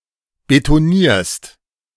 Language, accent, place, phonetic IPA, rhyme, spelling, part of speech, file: German, Germany, Berlin, [betoˈniːɐ̯st], -iːɐ̯st, betonierst, verb, De-betonierst.ogg
- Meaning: second-person singular present of betonieren